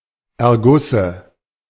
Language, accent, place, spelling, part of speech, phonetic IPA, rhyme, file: German, Germany, Berlin, Ergusse, noun, [ɛɐ̯ˈɡʊsə], -ʊsə, De-Ergusse.ogg
- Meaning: dative singular of Erguss